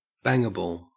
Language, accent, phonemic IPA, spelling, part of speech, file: English, Australia, /ˈbæŋ(ɡ)əbəɫ/, bangable, adjective, En-au-bangable.ogg
- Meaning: Sexually attractive